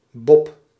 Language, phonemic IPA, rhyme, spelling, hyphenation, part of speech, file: Dutch, /bɔp/, -ɔp, Bob, Bob, proper noun, Nl-Bob.ogg
- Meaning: 1. a male given name, Bob 2. designated driver